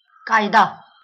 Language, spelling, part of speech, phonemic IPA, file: Marathi, कायदा, noun, /kaj.d̪a/, LL-Q1571 (mar)-कायदा.wav
- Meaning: 1. law, statute 2. rule, regulation